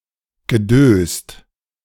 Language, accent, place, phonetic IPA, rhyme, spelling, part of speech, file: German, Germany, Berlin, [ɡəˈdøːst], -øːst, gedöst, verb, De-gedöst.ogg
- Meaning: past participle of dösen